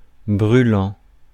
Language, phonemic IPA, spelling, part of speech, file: French, /bʁy.lɑ̃/, brûlant, verb / adjective, Fr-brûlant.ogg
- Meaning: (verb) present participle of brûler; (adjective) burning